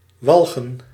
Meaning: 1. to cause to become nauseated, to disgust 2. to abhor, to hate
- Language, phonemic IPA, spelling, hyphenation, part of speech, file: Dutch, /ˈʋɑl.ɣə(n)/, walgen, wal‧gen, verb, Nl-walgen.ogg